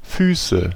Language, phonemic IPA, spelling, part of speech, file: German, /ˈfyːsə/, Füße, noun, De-Füße.ogg
- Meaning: 1. nominative plural of Fuß 2. accusative plural of Fuß 3. genitive plural of Fuß